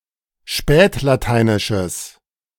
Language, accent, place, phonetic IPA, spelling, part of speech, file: German, Germany, Berlin, [ˈʃpɛːtlaˌtaɪ̯nɪʃəs], spätlateinisches, adjective, De-spätlateinisches.ogg
- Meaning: strong/mixed nominative/accusative neuter singular of spätlateinisch